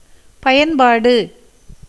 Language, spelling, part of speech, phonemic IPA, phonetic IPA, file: Tamil, பயன்பாடு, noun, /pɐjɐnbɑːɖɯ/, [pɐjɐnbäːɖɯ], Ta-பயன்பாடு.ogg
- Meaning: usage, application, utility